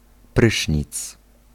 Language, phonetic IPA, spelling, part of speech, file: Polish, [ˈprɨʃʲɲit͡s], prysznic, noun, Pl-prysznic.ogg